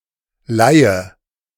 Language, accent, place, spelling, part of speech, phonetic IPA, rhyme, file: German, Germany, Berlin, leihe, verb, [ˈlaɪ̯ə], -aɪ̯ə, De-leihe.ogg
- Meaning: inflection of leihen: 1. first-person singular present 2. first/third-person singular subjunctive I 3. singular imperative